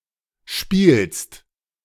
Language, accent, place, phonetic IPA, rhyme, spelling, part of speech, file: German, Germany, Berlin, [ʃpiːlst], -iːlst, spielst, verb, De-spielst.ogg
- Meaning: second-person singular present of spielen